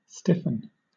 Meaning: 1. To make stiff 2. To become stiff
- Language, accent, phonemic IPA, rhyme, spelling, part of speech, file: English, Southern England, /ˈstɪfən/, -ɪfən, stiffen, verb, LL-Q1860 (eng)-stiffen.wav